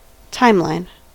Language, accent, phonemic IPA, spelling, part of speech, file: English, US, /ˈtaɪmˌlaɪn/, timeline, noun / verb, En-us-timeline.ogg
- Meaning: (noun) 1. A graphical representation of a chronological sequence of events (past or future) 2. The feed of a social media service, especially when ordered chronologically